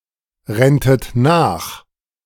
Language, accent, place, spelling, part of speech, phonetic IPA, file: German, Germany, Berlin, renntet nach, verb, [ˌʁɛntət ˈnaːx], De-renntet nach.ogg
- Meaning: second-person plural subjunctive II of nachrennen